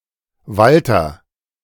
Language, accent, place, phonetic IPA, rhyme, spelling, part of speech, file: German, Germany, Berlin, [ˈvaltɐ], -altɐ, Walther, proper noun, De-Walther.ogg
- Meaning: a male given name; variant form Walter